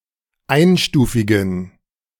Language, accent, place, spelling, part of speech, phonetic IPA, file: German, Germany, Berlin, einstufigen, adjective, [ˈaɪ̯nˌʃtuːfɪɡn̩], De-einstufigen.ogg
- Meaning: inflection of einstufig: 1. strong genitive masculine/neuter singular 2. weak/mixed genitive/dative all-gender singular 3. strong/weak/mixed accusative masculine singular 4. strong dative plural